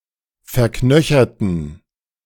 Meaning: inflection of verknöchert: 1. strong genitive masculine/neuter singular 2. weak/mixed genitive/dative all-gender singular 3. strong/weak/mixed accusative masculine singular 4. strong dative plural
- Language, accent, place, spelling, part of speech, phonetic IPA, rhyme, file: German, Germany, Berlin, verknöcherten, adjective / verb, [fɛɐ̯ˈknœçɐtn̩], -œçɐtn̩, De-verknöcherten.ogg